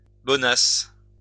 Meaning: calmness, tranquility (especially before a storm or something of equal intensity)
- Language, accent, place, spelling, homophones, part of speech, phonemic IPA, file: French, France, Lyon, bonace, bonasse, noun, /bɔ.nas/, LL-Q150 (fra)-bonace.wav